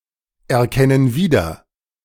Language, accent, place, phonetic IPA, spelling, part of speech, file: German, Germany, Berlin, [ɛɐ̯ˌkɛnən ˈviːdɐ], erkennen wieder, verb, De-erkennen wieder.ogg
- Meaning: inflection of wiedererkennen: 1. first/third-person plural present 2. first/third-person plural subjunctive I